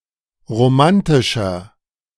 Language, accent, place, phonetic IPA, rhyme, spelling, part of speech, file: German, Germany, Berlin, [ʁoˈmantɪʃɐ], -antɪʃɐ, romantischer, adjective, De-romantischer.ogg
- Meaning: 1. comparative degree of romantisch 2. inflection of romantisch: strong/mixed nominative masculine singular 3. inflection of romantisch: strong genitive/dative feminine singular